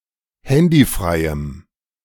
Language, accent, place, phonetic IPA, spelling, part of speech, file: German, Germany, Berlin, [ˈhɛndiˌfʁaɪ̯əm], handyfreiem, adjective, De-handyfreiem.ogg
- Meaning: strong dative masculine/neuter singular of handyfrei